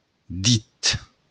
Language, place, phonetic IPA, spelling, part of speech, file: Occitan, Béarn, [dit], dit, noun, LL-Q14185 (oci)-dit.wav
- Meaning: finger